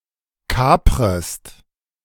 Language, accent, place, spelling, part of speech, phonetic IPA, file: German, Germany, Berlin, kaprest, verb, [ˈkaːpʁəst], De-kaprest.ogg
- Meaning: second-person singular subjunctive I of kapern